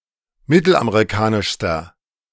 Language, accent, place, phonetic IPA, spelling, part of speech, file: German, Germany, Berlin, [ˈmɪtl̩ʔameʁiˌkaːnɪʃstɐ], mittelamerikanischster, adjective, De-mittelamerikanischster.ogg
- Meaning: inflection of mittelamerikanisch: 1. strong/mixed nominative masculine singular superlative degree 2. strong genitive/dative feminine singular superlative degree